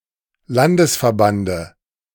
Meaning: dative singular of Landesverband
- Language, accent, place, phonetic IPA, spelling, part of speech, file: German, Germany, Berlin, [ˈlandəsfɛɐ̯ˌbandə], Landesverbande, noun, De-Landesverbande.ogg